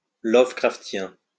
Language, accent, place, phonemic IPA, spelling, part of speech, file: French, France, Lyon, /lɔ.və.kʁaf.tjɛ̃/, lovecraftien, adjective, LL-Q150 (fra)-lovecraftien.wav
- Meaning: Lovecraftian